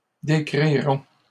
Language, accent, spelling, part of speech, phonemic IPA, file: French, Canada, décrirons, verb, /de.kʁi.ʁɔ̃/, LL-Q150 (fra)-décrirons.wav
- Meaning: first-person plural future of décrire